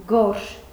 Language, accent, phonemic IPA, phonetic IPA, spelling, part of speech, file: Armenian, Eastern Armenian, /ɡoɾʃ/, [ɡoɾʃ], գորշ, adjective, Hy-գորշ.ogg
- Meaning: 1. gray 2. dull, drab